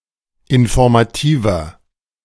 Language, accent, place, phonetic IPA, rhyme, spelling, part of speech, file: German, Germany, Berlin, [ɪnfɔʁmaˈtiːvɐ], -iːvɐ, informativer, adjective, De-informativer.ogg
- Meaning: 1. comparative degree of informativ 2. inflection of informativ: strong/mixed nominative masculine singular 3. inflection of informativ: strong genitive/dative feminine singular